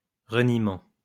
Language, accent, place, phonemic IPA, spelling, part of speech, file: French, France, Lyon, /ʁə.ni.mɑ̃/, reniement, noun, LL-Q150 (fra)-reniement.wav
- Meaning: disavowal, denial